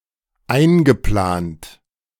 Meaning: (verb) past participle of einplanen; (adjective) scheduled
- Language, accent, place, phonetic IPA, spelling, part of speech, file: German, Germany, Berlin, [ˈaɪ̯nɡəˌplaːnt], eingeplant, verb, De-eingeplant.ogg